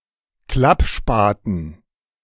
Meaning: collapsible entrenching tool (short shovel)
- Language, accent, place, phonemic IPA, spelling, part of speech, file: German, Germany, Berlin, /ˈklapˌʃpaːtn̩/, Klappspaten, noun, De-Klappspaten.ogg